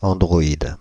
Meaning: android (robot with human form)
- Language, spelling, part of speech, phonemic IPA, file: French, androïde, noun, /ɑ̃.dʁɔ.id/, Fr-androïde.ogg